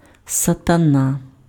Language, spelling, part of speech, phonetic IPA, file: Ukrainian, сатана, noun / interjection, [sɐtɐˈna], Uk-сатана.ogg
- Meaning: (noun) 1. Satan, devil 2. asshole, jerk; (interjection) holy cow (expression of surprise, astonishment, etc.)